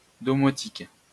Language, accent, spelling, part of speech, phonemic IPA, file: French, France, domotique, noun, /dɔ.mɔ.tik/, LL-Q150 (fra)-domotique.wav
- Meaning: home automation, domotics (technology in the home)